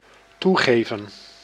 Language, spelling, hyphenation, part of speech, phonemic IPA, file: Dutch, toegeven, toe‧ge‧ven, verb, /ˈtuˌɣeː.və(n)/, Nl-toegeven.ogg
- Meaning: 1. to admit 2. to concede